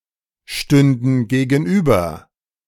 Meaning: first/third-person plural subjunctive II of gegenüberstehen
- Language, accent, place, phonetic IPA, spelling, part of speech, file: German, Germany, Berlin, [ˌʃtʏndn̩ ɡeːɡn̩ˈʔyːbɐ], stünden gegenüber, verb, De-stünden gegenüber.ogg